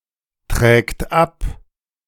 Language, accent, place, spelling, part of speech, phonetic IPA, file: German, Germany, Berlin, trägt ab, verb, [ˌtʁɛːkt ˈap], De-trägt ab.ogg
- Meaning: third-person singular present of abtragen